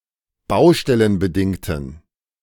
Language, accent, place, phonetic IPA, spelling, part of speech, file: German, Germany, Berlin, [ˈbaʊ̯ʃtɛlənbəˌdɪŋtn̩], baustellenbedingten, adjective, De-baustellenbedingten.ogg
- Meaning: inflection of baustellenbedingt: 1. strong genitive masculine/neuter singular 2. weak/mixed genitive/dative all-gender singular 3. strong/weak/mixed accusative masculine singular